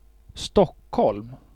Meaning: Stockholm (the capital city of Sweden)
- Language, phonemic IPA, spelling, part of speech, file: Swedish, /²stɔkː(h)ɔlm/, Stockholm, proper noun, Sv-Stockholm.ogg